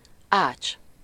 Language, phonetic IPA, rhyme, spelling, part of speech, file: Hungarian, [ˈaːt͡ʃ], -aːt͡ʃ, ács, noun, Hu-ács.ogg
- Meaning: carpenter (person skilled at carpentry)